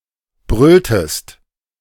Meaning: inflection of brüllen: 1. second-person singular preterite 2. second-person singular subjunctive II
- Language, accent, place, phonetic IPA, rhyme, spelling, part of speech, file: German, Germany, Berlin, [ˈbʁʏltəst], -ʏltəst, brülltest, verb, De-brülltest.ogg